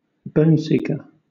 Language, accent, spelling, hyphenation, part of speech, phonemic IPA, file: English, Southern England, boneseeker, bone‧seek‧er, noun, /ˈbəʊnsiːkə/, LL-Q1860 (eng)-boneseeker.wav
- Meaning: Any element, especially a radioisotope, that has a tendency to accumulate in bones